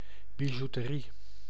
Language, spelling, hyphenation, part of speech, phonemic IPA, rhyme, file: Dutch, bijouterie, bi‧jou‧te‧rie, noun, /biˌʒu.təˈri/, -i, Nl-bijouterie.ogg
- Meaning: 1. a jewellery shop, a jeweller's 2. jewellery, trinkets